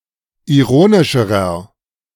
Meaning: inflection of ironisch: 1. strong/mixed nominative masculine singular comparative degree 2. strong genitive/dative feminine singular comparative degree 3. strong genitive plural comparative degree
- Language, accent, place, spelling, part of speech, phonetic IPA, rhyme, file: German, Germany, Berlin, ironischerer, adjective, [iˈʁoːnɪʃəʁɐ], -oːnɪʃəʁɐ, De-ironischerer.ogg